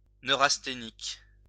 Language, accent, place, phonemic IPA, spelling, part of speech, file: French, France, Lyon, /nø.ʁas.te.nik/, neurasthénique, adjective, LL-Q150 (fra)-neurasthénique.wav
- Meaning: neurasthenic